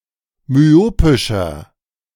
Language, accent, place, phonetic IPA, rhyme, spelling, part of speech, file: German, Germany, Berlin, [myˈoːpɪʃɐ], -oːpɪʃɐ, myopischer, adjective, De-myopischer.ogg
- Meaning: inflection of myopisch: 1. strong/mixed nominative masculine singular 2. strong genitive/dative feminine singular 3. strong genitive plural